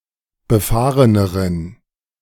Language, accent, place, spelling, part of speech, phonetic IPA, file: German, Germany, Berlin, befahreneren, adjective, [bəˈfaːʁənəʁən], De-befahreneren.ogg
- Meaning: inflection of befahren: 1. strong genitive masculine/neuter singular comparative degree 2. weak/mixed genitive/dative all-gender singular comparative degree